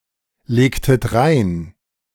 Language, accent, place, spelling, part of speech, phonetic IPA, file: German, Germany, Berlin, legtet rein, verb, [ˌleːktət ˈʁaɪ̯n], De-legtet rein.ogg
- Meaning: inflection of reinlegen: 1. second-person plural preterite 2. second-person plural subjunctive II